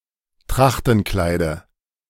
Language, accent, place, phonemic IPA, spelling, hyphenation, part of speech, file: German, Germany, Berlin, /ˈtʁaxtn̩ˌklaɪ̯də/, Trachtenkleide, Trach‧ten‧klei‧de, noun, De-Trachtenkleide.ogg
- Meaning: dative singular of Trachtenkleid